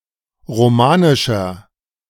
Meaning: 1. comparative degree of romanisch 2. inflection of romanisch: strong/mixed nominative masculine singular 3. inflection of romanisch: strong genitive/dative feminine singular
- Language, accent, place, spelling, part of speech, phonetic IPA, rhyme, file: German, Germany, Berlin, romanischer, adjective, [ʁoˈmaːnɪʃɐ], -aːnɪʃɐ, De-romanischer.ogg